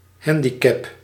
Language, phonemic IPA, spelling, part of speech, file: Dutch, /ˈɦɛn.diˌkɛp/, handicap, noun, Nl-handicap.ogg
- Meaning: 1. disability 2. handicap, disadvantage 3. handicap, measure of ability